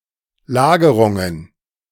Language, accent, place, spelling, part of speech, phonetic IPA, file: German, Germany, Berlin, Lagerungen, noun, [ˈlaːɡəʁʊŋən], De-Lagerungen.ogg
- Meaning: plural of Lagerung